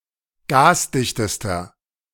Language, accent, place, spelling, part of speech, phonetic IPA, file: German, Germany, Berlin, gasdichtester, adjective, [ˈɡaːsˌdɪçtəstɐ], De-gasdichtester.ogg
- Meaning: inflection of gasdicht: 1. strong/mixed nominative masculine singular superlative degree 2. strong genitive/dative feminine singular superlative degree 3. strong genitive plural superlative degree